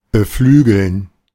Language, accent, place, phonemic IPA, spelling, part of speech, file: German, Germany, Berlin, /bəˈflyːɡl̩n/, beflügeln, verb, De-beflügeln.ogg
- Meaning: to inspire, to spur, to buoy, to stimulate